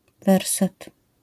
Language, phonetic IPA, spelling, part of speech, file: Polish, [ˈvɛrsɛt], werset, noun, LL-Q809 (pol)-werset.wav